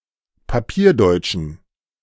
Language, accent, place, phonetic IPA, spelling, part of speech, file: German, Germany, Berlin, [paˈpiːɐ̯ˌdɔɪ̯t͡ʃn̩], papierdeutschen, adjective, De-papierdeutschen.ogg
- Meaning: inflection of papierdeutsch: 1. strong genitive masculine/neuter singular 2. weak/mixed genitive/dative all-gender singular 3. strong/weak/mixed accusative masculine singular 4. strong dative plural